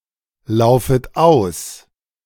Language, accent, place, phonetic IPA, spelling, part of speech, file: German, Germany, Berlin, [ˌlaʊ̯fət ˈaʊ̯s], laufet aus, verb, De-laufet aus.ogg
- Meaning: second-person plural subjunctive I of auslaufen